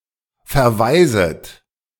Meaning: second-person plural subjunctive I of verwaisen
- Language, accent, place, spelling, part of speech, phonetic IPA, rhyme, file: German, Germany, Berlin, verwaiset, verb, [fɛɐ̯ˈvaɪ̯zət], -aɪ̯zət, De-verwaiset.ogg